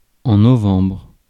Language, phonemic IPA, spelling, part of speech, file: French, /nɔ.vɑ̃bʁ/, novembre, noun, Fr-novembre.ogg
- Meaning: November